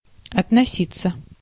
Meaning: 1. to treat 2. to express one's opinion 3. to date from 4. to concern, to relate, to apply (to be relevant) 5. to address officially 6. passive of относи́ть (otnosítʹ)
- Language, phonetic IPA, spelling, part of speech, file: Russian, [ɐtnɐˈsʲit͡sːə], относиться, verb, Ru-относиться.ogg